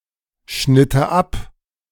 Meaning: first/third-person singular subjunctive II of abschneiden
- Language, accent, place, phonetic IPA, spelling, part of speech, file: German, Germany, Berlin, [ˌʃnɪtə ˈap], schnitte ab, verb, De-schnitte ab.ogg